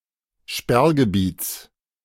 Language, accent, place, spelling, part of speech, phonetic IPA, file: German, Germany, Berlin, Sperrgebiets, noun, [ˈʃpɛʁɡəˌbiːt͡s], De-Sperrgebiets.ogg
- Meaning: genitive singular of Sperrgebiet